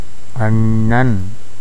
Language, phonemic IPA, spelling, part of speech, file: Tamil, /ɐɳːɐn/, அண்ணன், noun, Ta-அண்ணன்.ogg
- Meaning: elder brother